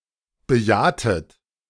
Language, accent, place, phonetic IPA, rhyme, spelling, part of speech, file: German, Germany, Berlin, [bəˈjaːtət], -aːtət, bejahtet, verb, De-bejahtet.ogg
- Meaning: inflection of bejahen: 1. second-person plural preterite 2. second-person plural subjunctive II